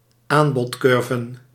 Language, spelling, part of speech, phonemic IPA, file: Dutch, aanbodcurven, noun, /ˈambɔtˌkʏrvə(n)/, Nl-aanbodcurven.ogg
- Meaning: plural of aanbodcurve